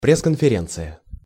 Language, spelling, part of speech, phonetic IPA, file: Russian, пресс-конференция, noun, [ˌprʲes kənfʲɪˈrʲent͡sɨjə], Ru-пресс-конференция.ogg
- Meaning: press conference (question and answer session with members of television, print and other media)